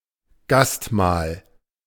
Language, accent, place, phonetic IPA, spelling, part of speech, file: German, Germany, Berlin, [ˈɡastˌmaːl], Gastmahl, noun, De-Gastmahl.ogg
- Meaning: feast, regale